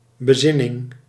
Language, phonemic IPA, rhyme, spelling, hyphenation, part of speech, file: Dutch, /bəˈzɪ.nɪŋ/, -ɪnɪŋ, bezinning, be‧zin‧ning, noun, Nl-bezinning.ogg
- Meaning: contemplation, reflection